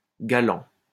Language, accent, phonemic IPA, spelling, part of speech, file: French, France, /ɡa.lɑ̃/, galant, verb / adjective / noun, LL-Q150 (fra)-galant.wav
- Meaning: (verb) present participle of galer; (adjective) 1. gallant, courteous, gentlemanly 2. flirtatious, amorous; racy; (noun) suitor, admirer